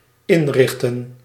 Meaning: 1. to arrange, organize 2. to equip, furnish 3. to set up
- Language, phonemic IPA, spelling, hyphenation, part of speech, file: Dutch, /ˈɪnˌrɪx.tə(n)/, inrichten, in‧rich‧ten, verb, Nl-inrichten.ogg